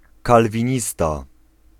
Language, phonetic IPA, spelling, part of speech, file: Polish, [ˌkalvʲĩˈɲista], kalwinista, noun, Pl-kalwinista.ogg